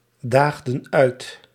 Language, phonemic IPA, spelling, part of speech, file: Dutch, /ˈdaɣdə(n) ˈœyt/, daagden uit, verb, Nl-daagden uit.ogg
- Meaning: inflection of uitdagen: 1. plural past indicative 2. plural past subjunctive